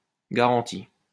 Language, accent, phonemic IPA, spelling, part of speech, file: French, France, /ɡa.ʁɑ̃.ti/, garanti, adjective / verb, LL-Q150 (fra)-garanti.wav
- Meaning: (adjective) guaranteed; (verb) past participle of garantir